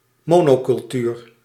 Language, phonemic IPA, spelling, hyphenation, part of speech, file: Dutch, /ˈmoː.noː.kʏlˌtyːr/, monocultuur, mo‧no‧cul‧tuur, noun, Nl-monocultuur.ogg
- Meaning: 1. monoculture (single-crop cultivation) 2. monoculture (rather homogeneous, undiverse culture)